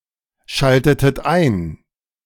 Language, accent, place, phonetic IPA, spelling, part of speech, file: German, Germany, Berlin, [ˌʃaltətət ˈaɪ̯n], schaltetet ein, verb, De-schaltetet ein.ogg
- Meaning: inflection of einschalten: 1. second-person plural preterite 2. second-person plural subjunctive II